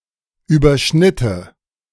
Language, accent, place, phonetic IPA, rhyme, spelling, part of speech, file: German, Germany, Berlin, [yːbɐˈʃnɪtə], -ɪtə, überschnitte, verb, De-überschnitte.ogg
- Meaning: first/third-person singular subjunctive II of überschneiden